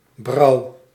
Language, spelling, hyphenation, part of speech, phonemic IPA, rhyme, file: Dutch, brauw, brauw, noun, /brɑu̯/, -ɑu̯, Nl-brauw.ogg
- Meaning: brow